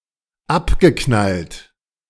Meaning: past participle of abknallen
- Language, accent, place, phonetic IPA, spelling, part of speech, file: German, Germany, Berlin, [ˈapɡəˌknalt], abgeknallt, verb, De-abgeknallt.ogg